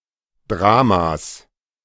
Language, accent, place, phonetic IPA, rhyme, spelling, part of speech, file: German, Germany, Berlin, [ˈdʁaːmas], -aːmas, Dramas, noun, De-Dramas.ogg
- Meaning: genitive singular of Drama